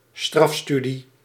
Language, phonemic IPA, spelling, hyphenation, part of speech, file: Dutch, /ˈstrɑfˌsty.di/, strafstudie, straf‧stu‧die, noun, Nl-strafstudie.ogg
- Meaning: detention